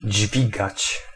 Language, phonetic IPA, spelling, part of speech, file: Polish, [ˈd͡ʑvʲiɡat͡ɕ], dźwigać, verb, Pl-dźwigać.ogg